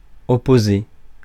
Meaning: 1. to oppose 2. to oppose, to be opposed to
- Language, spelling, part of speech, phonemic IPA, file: French, opposer, verb, /ɔ.po.ze/, Fr-opposer.ogg